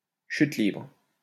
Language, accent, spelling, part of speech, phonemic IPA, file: French, France, chute libre, noun, /ʃyt libʁ/, LL-Q150 (fra)-chute libre.wav
- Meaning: freefall